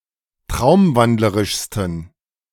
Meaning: 1. superlative degree of traumwandlerisch 2. inflection of traumwandlerisch: strong genitive masculine/neuter singular superlative degree
- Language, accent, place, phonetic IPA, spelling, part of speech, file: German, Germany, Berlin, [ˈtʁaʊ̯mˌvandləʁɪʃstn̩], traumwandlerischsten, adjective, De-traumwandlerischsten.ogg